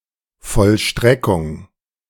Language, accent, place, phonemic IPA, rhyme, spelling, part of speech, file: German, Germany, Berlin, /fɔlˈʃtʁɛkʊŋ/, -ɛkʊŋ, Vollstreckung, noun, De-Vollstreckung.ogg
- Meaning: 1. execution 2. enforcement